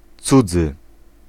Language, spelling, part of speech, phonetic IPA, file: Polish, cudzy, adjective, [ˈt͡sud͡zɨ], Pl-cudzy.ogg